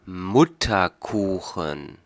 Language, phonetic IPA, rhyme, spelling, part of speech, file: German, [ˈmʊtɐˌkuːxn̩], -ʊtɐkuːxn̩, Mutterkuchen, noun, De-Mutterkuchen.ogg
- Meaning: placenta